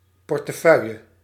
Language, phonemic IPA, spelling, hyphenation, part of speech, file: Dutch, /ˌpɔr.təˈfœy̯.jə/, portefeuille, por‧te‧feuil‧le, noun, Nl-portefeuille.ogg
- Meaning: 1. wallet, billfold (small, folding sleeve for paper currency, driver's licence, and bank cards) 2. portfolio (post, set of responsibilities)